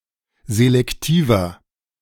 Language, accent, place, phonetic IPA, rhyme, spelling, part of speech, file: German, Germany, Berlin, [zelɛkˈtiːvɐ], -iːvɐ, selektiver, adjective, De-selektiver.ogg
- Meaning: 1. comparative degree of selektiv 2. inflection of selektiv: strong/mixed nominative masculine singular 3. inflection of selektiv: strong genitive/dative feminine singular